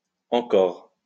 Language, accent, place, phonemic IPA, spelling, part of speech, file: French, France, Lyon, /ɑ̃.kɔʁ/, encor, adverb, LL-Q150 (fra)-encor.wav
- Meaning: apocopic form of encore